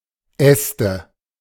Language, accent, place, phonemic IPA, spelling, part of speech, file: German, Germany, Berlin, /ˈɛstə/, Äste, noun, De-Äste.ogg
- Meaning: plural of Ast